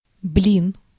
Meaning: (noun) 1. pancake, crepe, blini (thin batter cake) 2. disc, plate (any flat, round object) 3. CD 4. weight plate; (interjection) dammit!, darn!, shoot! (expression of any strong emotion)
- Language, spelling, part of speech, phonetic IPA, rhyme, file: Russian, блин, noun / interjection, [blʲin], -in, Ru-блин.ogg